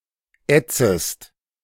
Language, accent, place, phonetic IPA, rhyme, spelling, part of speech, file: German, Germany, Berlin, [ˈɛt͡səst], -ɛt͡səst, ätzest, verb, De-ätzest.ogg
- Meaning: second-person singular subjunctive I of ätzen